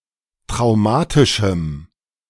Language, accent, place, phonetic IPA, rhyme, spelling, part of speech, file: German, Germany, Berlin, [tʁaʊ̯ˈmaːtɪʃm̩], -aːtɪʃm̩, traumatischem, adjective, De-traumatischem.ogg
- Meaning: strong dative masculine/neuter singular of traumatisch